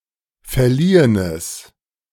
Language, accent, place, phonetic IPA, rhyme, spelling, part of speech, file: German, Germany, Berlin, [fɛɐ̯ˈliːənəs], -iːənəs, verliehenes, adjective, De-verliehenes.ogg
- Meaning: strong/mixed nominative/accusative neuter singular of verliehen